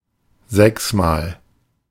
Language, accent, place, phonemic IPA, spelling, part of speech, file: German, Germany, Berlin, /ˈzɛksmaːl/, sechsmal, adverb, De-sechsmal.ogg
- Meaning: six times